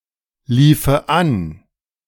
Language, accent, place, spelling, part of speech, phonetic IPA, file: German, Germany, Berlin, liefe an, verb, [ˌliːfə ˈan], De-liefe an.ogg
- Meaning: first/third-person singular subjunctive II of anlaufen